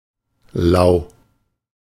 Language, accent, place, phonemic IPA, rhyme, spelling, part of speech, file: German, Germany, Berlin, /laʊ̯/, -aʊ̯, lau, adjective, De-lau.ogg
- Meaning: 1. synonym of lauwarm (“lukewarm, tepid”) 2. mild; especially in the sense that it is pleasantly cool after a period of heat 3. cushy, easy